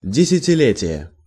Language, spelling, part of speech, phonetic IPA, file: Russian, десятилетие, noun, [dʲɪsʲɪtʲɪˈlʲetʲɪje], Ru-десятилетие.ogg
- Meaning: 1. ten-year period, decade 2. tenth anniversary, tenth birthday